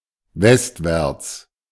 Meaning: westward, westwards (towards the west)
- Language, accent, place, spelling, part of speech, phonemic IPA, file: German, Germany, Berlin, westwärts, adverb, /ˈvɛstvɛʁts/, De-westwärts.ogg